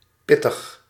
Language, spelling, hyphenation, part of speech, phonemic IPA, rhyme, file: Dutch, pittig, pit‧tig, adjective, /ˈpɪ.təx/, -ɪtəx, Nl-pittig.ogg
- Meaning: 1. piquant, spicy 2. energetic and having a strong character 3. serious and difficult 4. pithy, terse